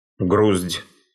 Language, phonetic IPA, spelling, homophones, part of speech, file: Russian, [ɡrusʲtʲ], груздь, грусть, noun, Ru-груздь.ogg
- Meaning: Lactarius mushroom, milk-cap